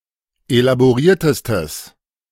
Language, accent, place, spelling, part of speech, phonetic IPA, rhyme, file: German, Germany, Berlin, elaboriertestes, adjective, [elaboˈʁiːɐ̯təstəs], -iːɐ̯təstəs, De-elaboriertestes.ogg
- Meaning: strong/mixed nominative/accusative neuter singular superlative degree of elaboriert